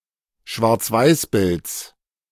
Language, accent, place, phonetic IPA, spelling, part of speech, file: German, Germany, Berlin, [ʃvaʁt͡sˈvaɪ̯sˌbɪlt͡s], Schwarzweißbilds, noun, De-Schwarzweißbilds.ogg
- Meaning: genitive of Schwarzweißbild